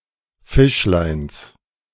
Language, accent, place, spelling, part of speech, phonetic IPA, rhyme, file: German, Germany, Berlin, Fischleins, noun, [ˈfɪʃlaɪ̯ns], -ɪʃlaɪ̯ns, De-Fischleins.ogg
- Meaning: genitive singular of Fischlein